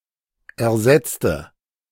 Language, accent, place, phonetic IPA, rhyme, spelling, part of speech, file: German, Germany, Berlin, [ɛɐ̯ˈzɛt͡stə], -ɛt͡stə, ersetzte, adjective / verb, De-ersetzte.ogg
- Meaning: inflection of ersetzen: 1. first/third-person singular preterite 2. first/third-person singular subjunctive II